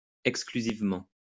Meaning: exclusively
- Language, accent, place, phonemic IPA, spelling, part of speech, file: French, France, Lyon, /ɛk.skly.ziv.mɑ̃/, exclusivement, adverb, LL-Q150 (fra)-exclusivement.wav